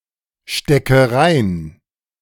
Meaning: inflection of reinstecken: 1. first-person singular present 2. first/third-person singular subjunctive I 3. singular imperative
- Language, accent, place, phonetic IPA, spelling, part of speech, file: German, Germany, Berlin, [ˌʃtɛkə ˈʁaɪ̯n], stecke rein, verb, De-stecke rein.ogg